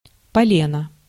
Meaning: 1. billet, log, chock (of wood), wood block (for use as firewood) 2. log-shaped cake, e.g. a Yule log
- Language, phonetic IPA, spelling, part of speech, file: Russian, [pɐˈlʲenə], полено, noun, Ru-полено.ogg